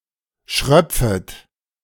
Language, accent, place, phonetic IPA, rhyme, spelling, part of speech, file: German, Germany, Berlin, [ˈʃʁœp͡fət], -œp͡fət, schröpfet, verb, De-schröpfet.ogg
- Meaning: second-person plural subjunctive I of schröpfen